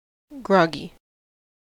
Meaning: 1. Slowed or weakened, as by drink, sleepiness, etc 2. Of a horse: bearing wholly on its heels when trotting
- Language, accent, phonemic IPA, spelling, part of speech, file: English, US, /ˈɡɹɑ.ɡi/, groggy, adjective, En-us-groggy.ogg